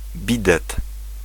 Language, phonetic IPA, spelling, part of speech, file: Polish, [ˈbʲidɛt], bidet, noun, Pl-bidet.ogg